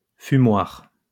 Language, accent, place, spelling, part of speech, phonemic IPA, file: French, France, Lyon, fumoir, noun, /fy.mwaʁ/, LL-Q150 (fra)-fumoir.wav
- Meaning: 1. smokehouse, smokery (space used to smoke food) 2. smoking room (room reserved for smokers)